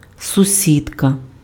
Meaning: female neighbor
- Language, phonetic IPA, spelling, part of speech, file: Ukrainian, [sʊˈsʲidkɐ], сусідка, noun, Uk-сусідка.ogg